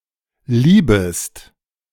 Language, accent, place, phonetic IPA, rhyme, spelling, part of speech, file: German, Germany, Berlin, [ˈliːbəst], -iːbəst, liebest, verb, De-liebest.ogg
- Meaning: second-person singular subjunctive I of lieben